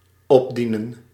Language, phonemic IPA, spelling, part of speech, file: Dutch, /ˈɔbdinə(n)/, opdienen, verb, Nl-opdienen.ogg
- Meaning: to serve (food)